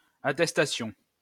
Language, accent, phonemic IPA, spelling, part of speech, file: French, France, /a.tɛs.ta.sjɔ̃/, attestation, noun, LL-Q150 (fra)-attestation.wav
- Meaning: 1. certificate 2. testimonial 3. attestation 4. statement 5. declaration 6. affidavit